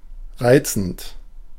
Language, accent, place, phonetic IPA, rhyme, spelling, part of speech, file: German, Germany, Berlin, [ˈʁaɪ̯t͡sn̩t], -aɪ̯t͡sn̩t, reizend, adjective / verb, De-reizend.ogg
- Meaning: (verb) present participle of reizen; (adjective) 1. lovely 2. charming, delightful 3. cute